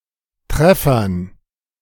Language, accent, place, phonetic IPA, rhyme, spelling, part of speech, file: German, Germany, Berlin, [ˈtʁɛfɐn], -ɛfɐn, Treffern, noun, De-Treffern.ogg
- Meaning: dative plural of Treffer